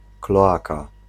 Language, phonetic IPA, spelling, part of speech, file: Polish, [klɔˈaka], kloaka, noun, Pl-kloaka.ogg